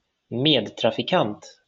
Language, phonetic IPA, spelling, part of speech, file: Swedish, [ˈmeːdtrafiˈkant], medtrafikant, noun, LL-Q9027 (swe)-medtrafikant.wav
- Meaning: fellow road user